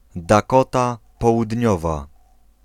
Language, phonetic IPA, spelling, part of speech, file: Polish, [daˈkɔta ˌpɔwudʲˈɲɔva], Dakota Południowa, proper noun, Pl-Dakota Południowa.ogg